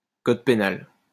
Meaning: penal code, criminal code
- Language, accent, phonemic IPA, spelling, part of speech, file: French, France, /kɔd pe.nal/, code pénal, noun, LL-Q150 (fra)-code pénal.wav